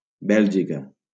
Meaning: Belgium (a country in Western Europe that has borders with the Netherlands, Germany, Luxembourg and France)
- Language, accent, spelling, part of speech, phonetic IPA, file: Catalan, Valencia, Bèlgica, proper noun, [ˈbɛʎ.d͡ʒi.ka], LL-Q7026 (cat)-Bèlgica.wav